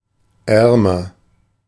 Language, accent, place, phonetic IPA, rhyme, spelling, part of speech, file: German, Germany, Berlin, [ˈɛʁmɐ], -ɛʁmɐ, ärmer, adjective, De-ärmer.ogg
- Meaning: comparative degree of arm